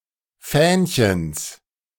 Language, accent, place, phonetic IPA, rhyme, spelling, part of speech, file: German, Germany, Berlin, [ˈfɛːnçəns], -ɛːnçəns, Fähnchens, noun, De-Fähnchens.ogg
- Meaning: genitive of Fähnchen